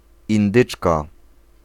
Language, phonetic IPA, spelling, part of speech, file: Polish, [ĩnˈdɨt͡ʃka], indyczka, noun, Pl-indyczka.ogg